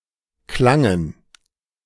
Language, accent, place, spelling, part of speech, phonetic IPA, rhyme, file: German, Germany, Berlin, klangen, verb, [ˈklaŋən], -aŋən, De-klangen.ogg
- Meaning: first/third-person plural preterite of klingen